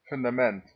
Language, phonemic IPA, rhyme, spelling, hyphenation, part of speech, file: Dutch, /ˌfʏn.daːˌmɛnt/, -ɛnt, fundament, fun‧da‧ment, noun, Nl-fundament.ogg
- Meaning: 1. basis 2. foundation, basis